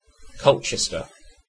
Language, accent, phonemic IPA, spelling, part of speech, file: English, UK, /ˈkɒltʃɛstə/, Colchester, proper noun, En-uk-Colchester.ogg
- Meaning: 1. A city, local government district, and borough in Essex, England, the oldest town in England 2. A community in the town of Essex, Essex County, Ontario, Canada